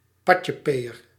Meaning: a tasteless and vulgar nouveau riche (or pretending to be) show-off
- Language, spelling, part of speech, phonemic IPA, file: Dutch, patjepeeër, noun, /ˈpɑcəˌpejər/, Nl-patjepeeër.ogg